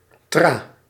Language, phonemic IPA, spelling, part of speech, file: Dutch, /traː/, tra, noun, Nl-tra.ogg
- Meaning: 1. path in the forest, trail 2. firebreak